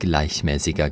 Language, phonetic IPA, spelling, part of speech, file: German, [ˈɡlaɪ̯çˌmɛːsɪɡɐ], gleichmäßiger, adjective, De-gleichmäßiger.ogg
- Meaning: inflection of gleichmäßig: 1. strong/mixed nominative masculine singular 2. strong genitive/dative feminine singular 3. strong genitive plural